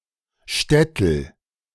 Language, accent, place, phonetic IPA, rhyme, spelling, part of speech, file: German, Germany, Berlin, [ˈʃtɛtl̩], -ɛtl̩, Stetl, noun, De-Stetl.ogg
- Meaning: alternative spelling of Schtetl